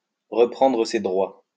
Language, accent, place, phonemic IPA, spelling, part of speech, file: French, France, Lyon, /ʁə.pʁɑ̃.dʁə se dʁwa/, reprendre ses droits, verb, LL-Q150 (fra)-reprendre ses droits.wav
- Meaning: to reassert oneself, to take over again